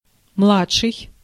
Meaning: 1. younger, youngest (in an earlier period of life) 2. junior
- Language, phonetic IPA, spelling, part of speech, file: Russian, [ˈmɫat͡ʂʂɨj], младший, adjective, Ru-младший.ogg